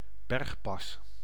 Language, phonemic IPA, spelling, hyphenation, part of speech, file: Dutch, /ˈbɛrx.pɑs/, bergpas, berg‧pas, noun, Nl-bergpas.ogg
- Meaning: mountain pass